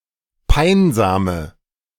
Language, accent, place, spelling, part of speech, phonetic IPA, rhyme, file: German, Germany, Berlin, peinsame, adjective, [ˈpaɪ̯nzaːmə], -aɪ̯nzaːmə, De-peinsame.ogg
- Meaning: inflection of peinsam: 1. strong/mixed nominative/accusative feminine singular 2. strong nominative/accusative plural 3. weak nominative all-gender singular 4. weak accusative feminine/neuter singular